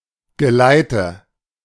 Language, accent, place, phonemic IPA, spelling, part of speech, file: German, Germany, Berlin, /ɡəˈlaɪ̯tə/, Geleite, noun, De-Geleite.ogg
- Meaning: 1. nominative/accusative/genitive plural of Geleit 2. dated form of Geleit